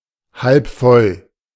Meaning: half-full
- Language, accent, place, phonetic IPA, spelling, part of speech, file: German, Germany, Berlin, [ˌhalp ˈfɔl], halb voll, adjective, De-halb voll.ogg